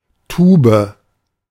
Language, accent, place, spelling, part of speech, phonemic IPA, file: German, Germany, Berlin, Tube, noun, /ˈtuːbə/, De-Tube.ogg
- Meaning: 1. tube (container for semiliquids, usually with a screw top) 2. alternative form of Tuba (“a tubular organ, such as the Fallopian tube”)